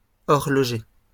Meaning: plural of horloger
- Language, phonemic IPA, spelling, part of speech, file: French, /ɔʁ.lɔ.ʒe/, horlogers, noun, LL-Q150 (fra)-horlogers.wav